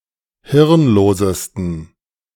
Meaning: 1. superlative degree of hirnlos 2. inflection of hirnlos: strong genitive masculine/neuter singular superlative degree
- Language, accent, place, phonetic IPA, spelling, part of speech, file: German, Germany, Berlin, [ˈhɪʁnˌloːzəstn̩], hirnlosesten, adjective, De-hirnlosesten.ogg